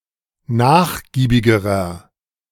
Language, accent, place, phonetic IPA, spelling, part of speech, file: German, Germany, Berlin, [ˈnaːxˌɡiːbɪɡəʁɐ], nachgiebigerer, adjective, De-nachgiebigerer.ogg
- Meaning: inflection of nachgiebig: 1. strong/mixed nominative masculine singular comparative degree 2. strong genitive/dative feminine singular comparative degree 3. strong genitive plural comparative degree